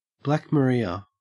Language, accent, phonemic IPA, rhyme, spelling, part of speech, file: English, Australia, /blæk məˈɹaɪə/, -aɪə, Black Maria, noun, En-au-Black Maria.ogg
- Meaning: A police van for transporting prisoners